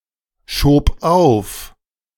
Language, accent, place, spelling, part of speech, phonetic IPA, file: German, Germany, Berlin, schob auf, verb, [ˌʃoːp ˈaʊ̯f], De-schob auf.ogg
- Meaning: first/third-person singular preterite of aufschieben